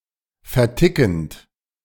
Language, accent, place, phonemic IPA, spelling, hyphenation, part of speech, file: German, Germany, Berlin, /fɛɐ̯ˈtɪkənt/, vertickend, ver‧ti‧ckend, verb, De-vertickend.ogg
- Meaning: present participle of verticken